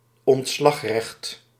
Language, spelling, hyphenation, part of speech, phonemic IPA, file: Dutch, ontslagrecht, ont‧slag‧recht, noun, /ɔntˈslɑxˌrɛxt/, Nl-ontslagrecht.ogg
- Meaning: dismissal law, termination law